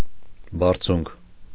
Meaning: 1. height, elevation 2. summit, peak, crown 3. zenith, apex, apogee 4. one's status: stature, standing, eminence 5. the height of one's achievements: acme, pinnacle, zenith
- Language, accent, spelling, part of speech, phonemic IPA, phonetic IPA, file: Armenian, Eastern Armenian, բարձունք, noun, /bɑɾˈt͡sʰunkʰ/, [bɑɾt͡sʰúŋkʰ], Hy-բարձունք.ogg